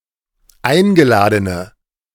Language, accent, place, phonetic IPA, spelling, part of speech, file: German, Germany, Berlin, [ˈaɪ̯nɡəˌlaːdənə], eingeladene, adjective, De-eingeladene.ogg
- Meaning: inflection of eingeladen: 1. strong/mixed nominative/accusative feminine singular 2. strong nominative/accusative plural 3. weak nominative all-gender singular